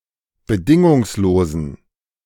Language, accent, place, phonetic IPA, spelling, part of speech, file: German, Germany, Berlin, [bəˈdɪŋʊŋsloːzn̩], bedingungslosen, adjective, De-bedingungslosen.ogg
- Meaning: inflection of bedingungslos: 1. strong genitive masculine/neuter singular 2. weak/mixed genitive/dative all-gender singular 3. strong/weak/mixed accusative masculine singular 4. strong dative plural